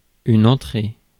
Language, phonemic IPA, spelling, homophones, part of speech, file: French, /ɑ̃.tʁe/, entrée, entrer / entré / entrés / entrées / entrez / entrai, noun / verb, Fr-entrée.ogg
- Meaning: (noun) 1. entry, act of entering 2. entrance, way in 3. starter (of a meal) 4. mudroom 5. headword, entry (in a dictionary, encyclopedia) 6. ticket; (verb) feminine singular of entré